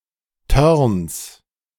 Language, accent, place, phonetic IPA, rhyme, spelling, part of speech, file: German, Germany, Berlin, [tœʁns], -œʁns, Törns, noun, De-Törns.ogg
- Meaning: 1. plural of Törn 2. genitive of Törn